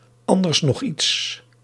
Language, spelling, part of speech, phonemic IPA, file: Dutch, anders nog iets, phrase, /ˈɑn.dərs nɔx ˈits/, Nl-anders nog iets.ogg
- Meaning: anything else?